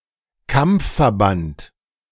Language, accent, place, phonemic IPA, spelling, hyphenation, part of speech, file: German, Germany, Berlin, /ˈkam(p)f.fɛɐ̯ˌbant/, Kampfverband, Kampf‧ver‧band, noun, De-Kampfverband.ogg
- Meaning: battle unit, combat unit